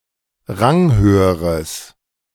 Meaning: strong/mixed nominative/accusative neuter singular comparative degree of ranghoch
- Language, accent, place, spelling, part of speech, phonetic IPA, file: German, Germany, Berlin, ranghöheres, adjective, [ˈʁaŋˌhøːəʁəs], De-ranghöheres.ogg